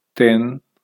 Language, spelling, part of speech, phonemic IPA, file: Punjabi, ਤਿੱਨ, numeral, /t̪ɪn/, Pa-ਤਿੱਨ.ogg
- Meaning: three (misspelling of ਤਿੰਨ)